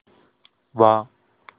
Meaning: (character) the alphasyllabic combination of வ் (v) + ஆ (ā); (verb) 1. to come, arrive 2. Used to form one variant of the present continuous tense 3. to occur; feature; appear; emerge
- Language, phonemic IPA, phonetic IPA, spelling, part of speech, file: Tamil, /ʋɑː/, [ʋäː], வா, character / verb, Ta-வா.ogg